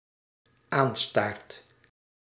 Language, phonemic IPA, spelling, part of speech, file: Dutch, /ˈanstart/, aanstaart, verb, Nl-aanstaart.ogg
- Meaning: second/third-person singular dependent-clause present indicative of aanstaren